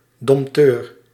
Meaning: animal tamer
- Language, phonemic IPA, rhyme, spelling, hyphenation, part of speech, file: Dutch, /dɔm(p)ˈtøːr/, -øːr, dompteur, domp‧teur, noun, Nl-dompteur.ogg